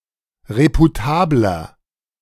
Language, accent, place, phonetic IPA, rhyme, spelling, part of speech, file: German, Germany, Berlin, [ˌʁepuˈtaːblɐ], -aːblɐ, reputabler, adjective, De-reputabler.ogg
- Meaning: 1. comparative degree of reputabel 2. inflection of reputabel: strong/mixed nominative masculine singular 3. inflection of reputabel: strong genitive/dative feminine singular